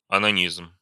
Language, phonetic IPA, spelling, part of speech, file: Russian, [ɐnɐˈnʲizm], онанизм, noun, Ru-онанизм.ogg
- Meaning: onanism